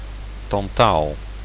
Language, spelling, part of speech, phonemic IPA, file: Dutch, tantaal, noun, /tɑnˈtal/, Nl-tantaal.ogg
- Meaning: tantalum